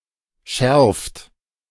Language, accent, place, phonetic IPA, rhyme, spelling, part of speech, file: German, Germany, Berlin, [ʃɛʁft], -ɛʁft, schärft, verb, De-schärft.ogg
- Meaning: inflection of schärfen: 1. third-person singular present 2. second-person plural present 3. plural imperative